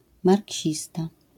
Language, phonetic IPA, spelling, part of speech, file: Polish, [marʲˈcɕista], marksista, noun, LL-Q809 (pol)-marksista.wav